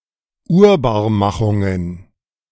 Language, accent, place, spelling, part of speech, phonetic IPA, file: German, Germany, Berlin, Urbarmachungen, noun, [ˈuːɐ̯baːɐ̯ˌmaxʊŋən], De-Urbarmachungen.ogg
- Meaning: plural of Urbarmachung